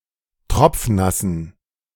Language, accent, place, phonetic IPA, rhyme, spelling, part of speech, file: German, Germany, Berlin, [ˈtʁɔp͡fˈnasn̩], -asn̩, tropfnassen, adjective, De-tropfnassen.ogg
- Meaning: inflection of tropfnass: 1. strong genitive masculine/neuter singular 2. weak/mixed genitive/dative all-gender singular 3. strong/weak/mixed accusative masculine singular 4. strong dative plural